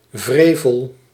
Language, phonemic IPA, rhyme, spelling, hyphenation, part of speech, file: Dutch, /ˈvreːvəl/, -eːvəl, wrevel, wre‧vel, noun, Nl-wrevel.ogg
- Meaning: 1. resentment, irritation 2. wickedness